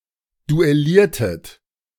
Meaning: inflection of duellieren: 1. second-person plural preterite 2. second-person plural subjunctive II
- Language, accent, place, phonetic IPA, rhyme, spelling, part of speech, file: German, Germany, Berlin, [duɛˈliːɐ̯tət], -iːɐ̯tət, duelliertet, verb, De-duelliertet.ogg